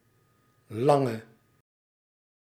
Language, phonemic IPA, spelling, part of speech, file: Dutch, /ˈlɑŋə/, lange, adjective, Nl-lange.ogg
- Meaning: inflection of lang: 1. masculine/feminine singular attributive 2. definite neuter singular attributive 3. plural attributive